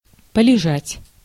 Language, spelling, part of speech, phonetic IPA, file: Russian, полежать, verb, [pəlʲɪˈʐatʲ], Ru-полежать.ogg
- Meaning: to lie, to lie down (for a while), to have a lie-down